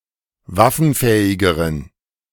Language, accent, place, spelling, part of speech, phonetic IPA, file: German, Germany, Berlin, waffenfähigeren, adjective, [ˈvafn̩ˌfɛːɪɡəʁən], De-waffenfähigeren.ogg
- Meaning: inflection of waffenfähig: 1. strong genitive masculine/neuter singular comparative degree 2. weak/mixed genitive/dative all-gender singular comparative degree